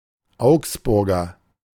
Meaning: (noun) 1. native or inhabitant of the city of Augsburg, Bavaria, Germany (usually male) 2. A type of Knackwurst that is normally scored before grilling 3. Augsburger (domestic chicken breed)
- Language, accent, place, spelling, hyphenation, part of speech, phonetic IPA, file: German, Germany, Berlin, Augsburger, Augs‧bur‧ger, noun / adjective, [ˈaʊ̯ksˌbʊʁɡɐ], De-Augsburger.ogg